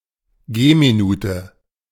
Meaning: a minute by foot; the distance a person walks in a minute
- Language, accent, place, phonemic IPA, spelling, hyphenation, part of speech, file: German, Germany, Berlin, /ˈɡeːmiˌnuːtə/, Gehminute, Geh‧mi‧nu‧te, noun, De-Gehminute.ogg